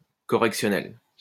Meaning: correctional
- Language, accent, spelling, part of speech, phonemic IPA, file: French, France, correctionnel, adjective, /kɔ.ʁɛk.sjɔ.nɛl/, LL-Q150 (fra)-correctionnel.wav